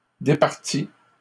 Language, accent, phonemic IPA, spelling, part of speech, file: French, Canada, /de.paʁ.ti/, départît, verb, LL-Q150 (fra)-départît.wav
- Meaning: third-person singular imperfect subjunctive of départir